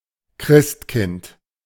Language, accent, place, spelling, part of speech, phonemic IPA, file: German, Germany, Berlin, Christkind, proper noun / noun, /ˈkʁɪstˌkɪnt/, De-Christkind.ogg
- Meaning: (proper noun) Baby Jesus